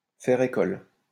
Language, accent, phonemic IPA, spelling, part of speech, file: French, France, /fɛʁ e.kɔl/, faire école, verb, LL-Q150 (fra)-faire école.wav
- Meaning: to found a school of thought, to attract a following, to find followers, to be seminal, to set a precedent, to set an example